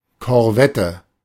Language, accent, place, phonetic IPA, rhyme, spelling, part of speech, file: German, Germany, Berlin, [kɔʁˈvɛtə], -ɛtə, Korvette, noun, De-Korvette.ogg
- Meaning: corvette